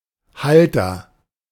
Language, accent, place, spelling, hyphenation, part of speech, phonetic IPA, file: German, Germany, Berlin, Halter, Hal‧ter, noun, [ˈhaltɐ], De-Halter.ogg
- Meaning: agent noun of halten: 1. holder, owner 2. holder, mount, retainer, bracket